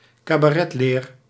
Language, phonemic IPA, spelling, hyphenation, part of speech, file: Dutch, /kaːˈbrɛtˌleːr/, cabretleer, ca‧bret‧leer, noun, Nl-cabretleer.ogg
- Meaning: goat leather